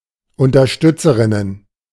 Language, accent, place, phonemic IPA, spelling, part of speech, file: German, Germany, Berlin, /ʊntɐˈʃtʏt͡səʁɪnən/, Unterstützerinnen, noun, De-Unterstützerinnen.ogg
- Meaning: plural of Unterstützerin